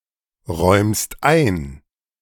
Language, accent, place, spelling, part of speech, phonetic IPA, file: German, Germany, Berlin, räumst ein, verb, [ˌʁɔɪ̯mst ˈaɪ̯n], De-räumst ein.ogg
- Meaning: second-person singular present of einräumen